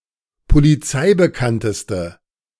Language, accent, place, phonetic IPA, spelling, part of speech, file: German, Germany, Berlin, [poliˈt͡saɪ̯bəˌkantəstə], polizeibekannteste, adjective, De-polizeibekannteste.ogg
- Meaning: inflection of polizeibekannt: 1. strong/mixed nominative/accusative feminine singular superlative degree 2. strong nominative/accusative plural superlative degree